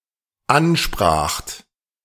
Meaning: second-person plural dependent preterite of ansprechen
- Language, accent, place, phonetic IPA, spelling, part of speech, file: German, Germany, Berlin, [ˈanˌʃpʁaːxt], anspracht, verb, De-anspracht.ogg